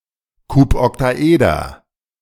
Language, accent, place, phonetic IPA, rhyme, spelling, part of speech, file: German, Germany, Berlin, [ˌkupɔktaˈʔeːdɐ], -eːdɐ, Kuboktaeder, noun, De-Kuboktaeder.ogg
- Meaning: cuboctahedron